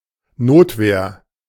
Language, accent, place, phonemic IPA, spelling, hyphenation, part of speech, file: German, Germany, Berlin, /ˈnoːtˌveːɐ̯/, Notwehr, Not‧wehr, noun, De-Notwehr.ogg
- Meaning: self-defense